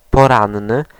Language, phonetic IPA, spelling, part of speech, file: Polish, [pɔˈrãnːɨ], poranny, adjective, Pl-poranny.ogg